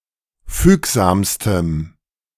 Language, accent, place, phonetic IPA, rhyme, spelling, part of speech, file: German, Germany, Berlin, [ˈfyːkzaːmstəm], -yːkzaːmstəm, fügsamstem, adjective, De-fügsamstem.ogg
- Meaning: strong dative masculine/neuter singular superlative degree of fügsam